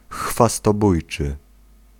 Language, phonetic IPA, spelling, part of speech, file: Polish, [ˌxfastɔˈbujt͡ʃɨ], chwastobójczy, adjective, Pl-chwastobójczy.ogg